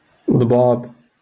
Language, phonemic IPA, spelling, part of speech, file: Moroccan Arabic, /dˤbaːb/, ضباب, noun, LL-Q56426 (ary)-ضباب.wav
- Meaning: fog